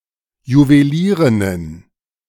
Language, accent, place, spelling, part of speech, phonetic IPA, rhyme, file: German, Germany, Berlin, Juwelierinnen, noun, [juveˈliːʁɪnən], -iːʁɪnən, De-Juwelierinnen.ogg
- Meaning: plural of Juwelierin